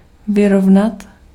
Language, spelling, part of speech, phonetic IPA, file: Czech, vyrovnat, verb, [ˈvɪrovnat], Cs-vyrovnat.ogg
- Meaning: 1. to equalize, to balance 2. to come to terms (to accept or resign oneself to something emotionally painful)